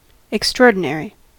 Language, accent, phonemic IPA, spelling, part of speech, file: English, US, /ɪkˈstɹɔɹdɪnɛɹi/, extraordinary, adjective / noun, En-us-extraordinary.ogg
- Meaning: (adjective) 1. Out of the ordinary; exceptional; unusual 2. Remarkably good 3. Special or supernumerary; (noun) Anything that goes beyond what is ordinary